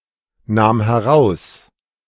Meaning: first/third-person singular preterite of herausnehmen
- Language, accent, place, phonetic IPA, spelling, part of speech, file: German, Germany, Berlin, [ˌnaːm hɛˈʁaʊ̯s], nahm heraus, verb, De-nahm heraus.ogg